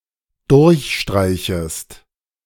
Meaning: second-person singular dependent subjunctive I of durchstreichen
- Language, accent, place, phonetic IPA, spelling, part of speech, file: German, Germany, Berlin, [ˈdʊʁçˌʃtʁaɪ̯çəst], durchstreichest, verb, De-durchstreichest.ogg